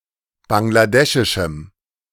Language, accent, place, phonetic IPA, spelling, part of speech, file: German, Germany, Berlin, [ˌbaŋlaˈdɛʃɪʃm̩], bangladeschischem, adjective, De-bangladeschischem.ogg
- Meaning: strong dative masculine/neuter singular of bangladeschisch